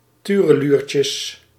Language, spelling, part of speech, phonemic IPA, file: Dutch, tureluurtjes, noun, /ˌtyrəˈlyrcəs/, Nl-tureluurtjes.ogg
- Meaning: plural of tureluurtje